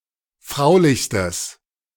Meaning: strong/mixed nominative/accusative neuter singular superlative degree of fraulich
- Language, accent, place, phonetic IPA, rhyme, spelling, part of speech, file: German, Germany, Berlin, [ˈfʁaʊ̯lɪçstəs], -aʊ̯lɪçstəs, fraulichstes, adjective, De-fraulichstes.ogg